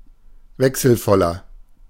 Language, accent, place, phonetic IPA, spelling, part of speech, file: German, Germany, Berlin, [ˈvɛksl̩ˌfɔlɐ], wechselvoller, adjective, De-wechselvoller.ogg
- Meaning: 1. comparative degree of wechselvoll 2. inflection of wechselvoll: strong/mixed nominative masculine singular 3. inflection of wechselvoll: strong genitive/dative feminine singular